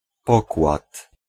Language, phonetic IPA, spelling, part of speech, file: Polish, [ˈpɔkwat], pokład, noun, Pl-pokład.ogg